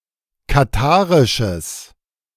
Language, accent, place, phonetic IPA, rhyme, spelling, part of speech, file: German, Germany, Berlin, [kaˈtaːʁɪʃəs], -aːʁɪʃəs, katharisches, adjective, De-katharisches.ogg
- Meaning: strong/mixed nominative/accusative neuter singular of katharisch